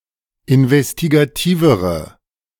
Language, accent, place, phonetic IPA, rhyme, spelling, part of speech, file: German, Germany, Berlin, [ɪnvɛstiɡaˈtiːvəʁə], -iːvəʁə, investigativere, adjective, De-investigativere.ogg
- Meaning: inflection of investigativ: 1. strong/mixed nominative/accusative feminine singular comparative degree 2. strong nominative/accusative plural comparative degree